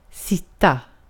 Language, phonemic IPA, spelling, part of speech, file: Swedish, /²sɪta/, sitta, verb, Sv-sitta.ogg
- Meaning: 1. to sit (be in a position with the upper body upright and the legs resting) 2. to sit (sit down – compare sätta) 3. to sit (more generally, similar to English)